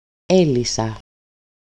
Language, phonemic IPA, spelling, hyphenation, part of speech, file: Greek, /ˈe.li.sa/, έλυσα, έ‧λυ‧σα, verb, El-έλυσα.ogg
- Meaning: first-person singular simple past active indicative of λύνω (lýno) and of λύω (lýo)